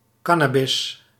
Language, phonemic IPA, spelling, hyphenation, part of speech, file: Dutch, /ˈkɑ.naːˌbɪs/, cannabis, can‧na‧bis, noun, Nl-cannabis.ogg
- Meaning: 1. cannabis, plant of the genus Cannabis, especially Cannabis sativa or Cannabis indica 2. cannabis, a drug made from parts of this plant